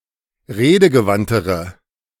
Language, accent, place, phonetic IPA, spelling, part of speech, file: German, Germany, Berlin, [ˈʁeːdəɡəˌvantəʁə], redegewandtere, adjective, De-redegewandtere.ogg
- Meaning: inflection of redegewandt: 1. strong/mixed nominative/accusative feminine singular comparative degree 2. strong nominative/accusative plural comparative degree